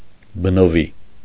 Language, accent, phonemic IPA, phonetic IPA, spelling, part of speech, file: Armenian, Eastern Armenian, /bənoˈvi/, [bənoví], բնովի, adjective, Hy-բնովի.ogg
- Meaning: natural, innate, inherent